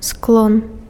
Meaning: case
- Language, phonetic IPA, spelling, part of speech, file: Belarusian, [skɫon], склон, noun, Be-склон.ogg